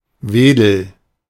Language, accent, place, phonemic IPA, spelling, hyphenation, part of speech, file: German, Germany, Berlin, /ˈveːdl̩/, Wedel, We‧del, noun / proper noun, De-Wedel.ogg
- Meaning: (noun) 1. whisk 2. duster 3. frond; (proper noun) a municipality of Schleswig-Holstein, Germany